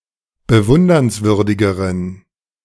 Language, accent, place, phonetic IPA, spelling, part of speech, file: German, Germany, Berlin, [bəˈvʊndɐnsˌvʏʁdɪɡəʁən], bewundernswürdigeren, adjective, De-bewundernswürdigeren.ogg
- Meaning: inflection of bewundernswürdig: 1. strong genitive masculine/neuter singular comparative degree 2. weak/mixed genitive/dative all-gender singular comparative degree